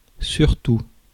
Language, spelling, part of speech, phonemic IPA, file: French, surtout, adverb / noun, /syʁ.tu/, Fr-surtout.ogg
- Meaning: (adverb) 1. above all 2. especially; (noun) surtout (overcoat)